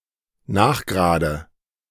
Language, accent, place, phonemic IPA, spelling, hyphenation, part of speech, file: German, Germany, Berlin, /ˈnaːxˌɡʁaːdə/, nachgerade, nach‧ge‧ra‧de, adverb, De-nachgerade.ogg
- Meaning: 1. downright; positively; well-nigh 2. gradually; finally